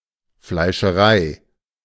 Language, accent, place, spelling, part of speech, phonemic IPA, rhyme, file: German, Germany, Berlin, Fleischerei, noun, /flaɪ̯ʃəˈʁaɪ̯/, -aɪ̯, De-Fleischerei.ogg
- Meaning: butchershop